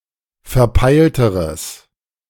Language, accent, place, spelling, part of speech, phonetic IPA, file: German, Germany, Berlin, verpeilteres, adjective, [fɛɐ̯ˈpaɪ̯ltəʁəs], De-verpeilteres.ogg
- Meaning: strong/mixed nominative/accusative neuter singular comparative degree of verpeilt